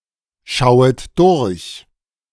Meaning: second-person plural subjunctive I of durchschauen
- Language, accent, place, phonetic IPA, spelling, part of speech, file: German, Germany, Berlin, [ˌʃaʊ̯ət ˈdʊʁç], schauet durch, verb, De-schauet durch.ogg